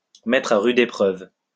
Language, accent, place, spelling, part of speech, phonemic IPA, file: French, France, Lyon, mettre à rude épreuve, verb, /mɛ.tʁ‿a ʁy.d‿e.pʁœv/, LL-Q150 (fra)-mettre à rude épreuve.wav
- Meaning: to test severely, to put through the mill, to put a great strain on